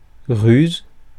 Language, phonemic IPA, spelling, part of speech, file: French, /ʁyz/, ruse, noun, Fr-ruse.ogg
- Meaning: 1. cunning, guile 2. ruse, trick